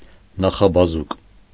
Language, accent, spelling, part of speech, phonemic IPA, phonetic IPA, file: Armenian, Eastern Armenian, նախաբազուկ, noun, /nɑχɑbɑˈzuk/, [nɑχɑbɑzúk], Hy-նախաբազուկ.ogg
- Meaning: forearm